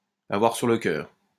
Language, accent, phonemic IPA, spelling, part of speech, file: French, France, /a.vwaʁ syʁ lə kœʁ/, avoir sur le cœur, verb, LL-Q150 (fra)-avoir sur le cœur.wav
- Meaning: to have (something) weighing on one's heart